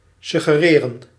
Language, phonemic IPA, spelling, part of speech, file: Dutch, /ˌsʏɣəˈreːrə(n)/, suggereren, verb, Nl-suggereren.ogg
- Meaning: to suggest